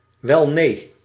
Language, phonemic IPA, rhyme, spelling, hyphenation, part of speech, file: Dutch, /ʋɛlˈneː/, -eː, welnee, wel‧nee, interjection, Nl-welnee.ogg
- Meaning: of course not